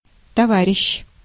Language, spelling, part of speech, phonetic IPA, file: Russian, товарищ, noun, [tɐˈvarʲɪɕː], Ru-товарищ.ogg
- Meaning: 1. comrade, friend (male or female) 2. mate, companion, pal (male or female) 3. colleague, assistant (male or female) 4. classmate, fellow student (male or female)